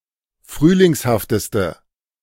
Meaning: inflection of frühlingshaft: 1. strong/mixed nominative/accusative feminine singular superlative degree 2. strong nominative/accusative plural superlative degree
- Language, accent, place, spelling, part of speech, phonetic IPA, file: German, Germany, Berlin, frühlingshafteste, adjective, [ˈfʁyːlɪŋshaftəstə], De-frühlingshafteste.ogg